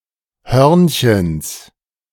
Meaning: genitive singular of Hörnchen
- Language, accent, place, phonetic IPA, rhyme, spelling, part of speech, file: German, Germany, Berlin, [ˈhœʁnçəns], -œʁnçəns, Hörnchens, noun, De-Hörnchens.ogg